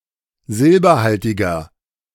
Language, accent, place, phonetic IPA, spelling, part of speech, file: German, Germany, Berlin, [ˈzɪlbɐˌhaltɪɡɐ], silberhaltiger, adjective, De-silberhaltiger.ogg
- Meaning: 1. comparative degree of silberhaltig 2. inflection of silberhaltig: strong/mixed nominative masculine singular 3. inflection of silberhaltig: strong genitive/dative feminine singular